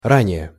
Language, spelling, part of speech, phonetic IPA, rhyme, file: Russian, ранее, adverb / preposition, [ˈranʲɪje], -anʲɪje, Ru-ранее.ogg
- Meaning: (adverb) earlier, already (prior to some time); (preposition) previous to